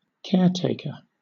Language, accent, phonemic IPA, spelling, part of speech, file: English, Southern England, /ˈkɛəˌteɪ.kə/, caretaker, noun / adjective, LL-Q1860 (eng)-caretaker.wav
- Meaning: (noun) 1. Someone who takes care of a place or thing; someone looking after a place, or responsible for keeping it in good repair 2. Synonym of caregiver (“a person who provides care to another”)